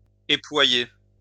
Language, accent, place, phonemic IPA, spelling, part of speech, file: French, France, Lyon, /e.plwa.je/, éployer, verb, LL-Q150 (fra)-éployer.wav
- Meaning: to spread (out), unfurl